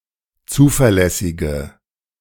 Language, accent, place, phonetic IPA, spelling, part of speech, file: German, Germany, Berlin, [ˈt͡suːfɛɐ̯ˌlɛsɪɡə], zuverlässige, adjective, De-zuverlässige.ogg
- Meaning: inflection of zuverlässig: 1. strong/mixed nominative/accusative feminine singular 2. strong nominative/accusative plural 3. weak nominative all-gender singular